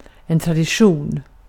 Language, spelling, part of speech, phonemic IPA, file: Swedish, tradition, noun, /tradɪˈɧuːn/, Sv-tradition.ogg
- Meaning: tradition